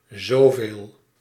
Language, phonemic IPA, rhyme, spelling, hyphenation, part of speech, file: Dutch, /zoːˈveːl/, -eːl, zoveel, zo‧veel, determiner / pronoun, Nl-zoveel.ogg
- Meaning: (determiner) 1. so many, so much 2. that many, that much